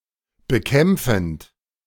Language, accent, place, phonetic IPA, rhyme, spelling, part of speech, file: German, Germany, Berlin, [bəˈkɛmp͡fn̩t], -ɛmp͡fn̩t, bekämpfend, verb, De-bekämpfend.ogg
- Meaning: present participle of bekämpfen